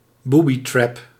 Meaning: booby trap
- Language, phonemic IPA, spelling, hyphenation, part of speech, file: Dutch, /ˈbu.biˌtrɛp/, boobytrap, boo‧by‧trap, noun, Nl-boobytrap.ogg